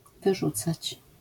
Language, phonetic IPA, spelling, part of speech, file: Polish, [vɨˈʒut͡sat͡ɕ], wyrzucać, verb, LL-Q809 (pol)-wyrzucać.wav